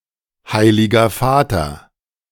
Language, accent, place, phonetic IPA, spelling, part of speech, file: German, Germany, Berlin, [ˌhaɪ̯lɪɡɐ ˈfaːtɐ], Heiliger Vater, phrase, De-Heiliger Vater.ogg
- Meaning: Holy Father (pope)